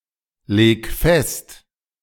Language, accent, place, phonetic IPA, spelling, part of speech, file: German, Germany, Berlin, [ˌleːk ˈfɛst], leg fest, verb, De-leg fest.ogg
- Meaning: 1. singular imperative of festlegen 2. first-person singular present of festlegen